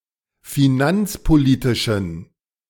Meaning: inflection of finanzpolitisch: 1. strong genitive masculine/neuter singular 2. weak/mixed genitive/dative all-gender singular 3. strong/weak/mixed accusative masculine singular 4. strong dative plural
- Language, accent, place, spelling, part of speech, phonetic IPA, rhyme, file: German, Germany, Berlin, finanzpolitischen, adjective, [fiˈnant͡spoˌliːtɪʃn̩], -ant͡spoliːtɪʃn̩, De-finanzpolitischen.ogg